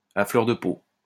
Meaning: on edge, raw, very sensitive, emotional
- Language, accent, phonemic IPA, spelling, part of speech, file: French, France, /a flœʁ də po/, à fleur de peau, adjective, LL-Q150 (fra)-à fleur de peau.wav